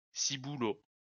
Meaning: bonce, nut, noggin (head)
- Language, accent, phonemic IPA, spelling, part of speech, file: French, France, /si.bu.lo/, ciboulot, noun, LL-Q150 (fra)-ciboulot.wav